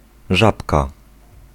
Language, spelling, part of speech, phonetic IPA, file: Polish, żabka, noun, [ˈʒapka], Pl-żabka.ogg